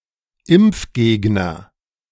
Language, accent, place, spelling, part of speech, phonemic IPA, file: German, Germany, Berlin, Impfgegner, noun, /ˈɪmp͡fˌɡeːɡnɐ/, De-Impfgegner.ogg
- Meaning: anti-vaxxer